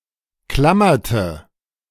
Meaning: inflection of klammern: 1. first/third-person singular preterite 2. first/third-person singular subjunctive II
- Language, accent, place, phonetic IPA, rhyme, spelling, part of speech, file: German, Germany, Berlin, [ˈklamɐtə], -amɐtə, klammerte, verb, De-klammerte.ogg